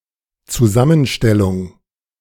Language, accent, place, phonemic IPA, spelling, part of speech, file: German, Germany, Berlin, /tsuˈzamənˌʃtɛlʊŋ/, Zusammenstellung, noun, De-Zusammenstellung.ogg
- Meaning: composition, collocation